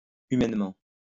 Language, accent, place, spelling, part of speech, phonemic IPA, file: French, France, Lyon, humainement, adverb, /y.mɛn.mɑ̃/, LL-Q150 (fra)-humainement.wav
- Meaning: 1. humanly 2. humanely